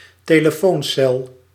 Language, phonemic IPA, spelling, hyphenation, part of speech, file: Dutch, /teː.ləˈfoːnˌsɛl/, telefooncel, te‧le‧foon‧cel, noun, Nl-telefooncel.ogg
- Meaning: telephone box, telephone booth